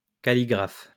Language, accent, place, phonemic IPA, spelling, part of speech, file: French, France, Lyon, /ka.li.ɡʁaf/, calligraphe, noun, LL-Q150 (fra)-calligraphe.wav
- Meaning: calligrapher (one who practices calligraphy)